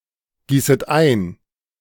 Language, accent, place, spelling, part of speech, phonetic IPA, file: German, Germany, Berlin, gießet ein, verb, [ˌɡiːsət ˈaɪ̯n], De-gießet ein.ogg
- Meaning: second-person plural subjunctive I of eingießen